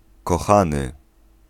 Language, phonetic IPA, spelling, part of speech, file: Polish, [kɔˈxãnɨ], kochany, verb / adjective / noun, Pl-kochany.ogg